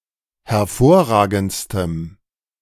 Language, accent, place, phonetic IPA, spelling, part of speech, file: German, Germany, Berlin, [hɛɐ̯ˈfoːɐ̯ˌʁaːɡn̩t͡stəm], hervorragendstem, adjective, De-hervorragendstem.ogg
- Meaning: strong dative masculine/neuter singular superlative degree of hervorragend